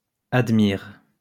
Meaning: inflection of admirer: 1. first/third-person singular present indicative/subjunctive 2. second-person singular imperative
- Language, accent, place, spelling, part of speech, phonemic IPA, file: French, France, Lyon, admire, verb, /ad.miʁ/, LL-Q150 (fra)-admire.wav